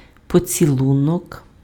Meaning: kiss
- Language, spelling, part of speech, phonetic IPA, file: Ukrainian, поцілунок, noun, [pɔt͡sʲiˈɫunɔk], Uk-поцілунок.ogg